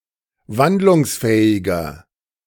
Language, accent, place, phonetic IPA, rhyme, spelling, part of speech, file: German, Germany, Berlin, [ˈvandlʊŋsˌfɛːɪɡɐ], -andlʊŋsfɛːɪɡɐ, wandlungsfähiger, adjective, De-wandlungsfähiger.ogg
- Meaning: 1. comparative degree of wandlungsfähig 2. inflection of wandlungsfähig: strong/mixed nominative masculine singular 3. inflection of wandlungsfähig: strong genitive/dative feminine singular